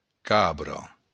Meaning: goat
- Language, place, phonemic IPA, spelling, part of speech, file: Occitan, Béarn, /ˈkabro/, cabra, noun, LL-Q14185 (oci)-cabra.wav